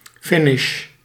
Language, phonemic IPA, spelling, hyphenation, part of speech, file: Dutch, /ˈfɪ.nɪʃ/, finish, fi‧nish, noun / verb, Nl-finish.ogg
- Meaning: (noun) finish; end; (verb) inflection of finishen: 1. first-person singular present indicative 2. second-person singular present indicative 3. imperative